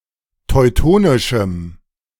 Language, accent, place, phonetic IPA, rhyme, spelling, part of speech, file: German, Germany, Berlin, [tɔɪ̯ˈtoːnɪʃm̩], -oːnɪʃm̩, teutonischem, adjective, De-teutonischem.ogg
- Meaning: strong dative masculine/neuter singular of teutonisch